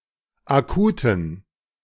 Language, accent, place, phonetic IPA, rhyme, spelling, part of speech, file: German, Germany, Berlin, [aˈkuːtn̩], -uːtn̩, Akuten, noun, De-Akuten.ogg
- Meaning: dative plural of Akut